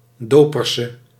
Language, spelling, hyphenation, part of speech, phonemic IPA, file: Dutch, doperse, do‧per‧se, noun / adjective, /ˈdoː.pər.sə/, Nl-doperse.ogg
- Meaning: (noun) 1. Mennonite 2. Anabaptist; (adjective) inflection of dopers: 1. masculine/feminine singular attributive 2. definite neuter singular attributive 3. plural attributive